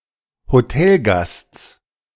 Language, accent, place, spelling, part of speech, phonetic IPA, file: German, Germany, Berlin, Hotelgasts, noun, [hoˈtɛlˌɡast͡s], De-Hotelgasts.ogg
- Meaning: genitive of Hotelgast